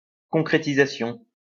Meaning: 1. realization 2. embodiment
- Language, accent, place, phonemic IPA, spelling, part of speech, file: French, France, Lyon, /kɔ̃.kʁe.ti.za.sjɔ̃/, concrétisation, noun, LL-Q150 (fra)-concrétisation.wav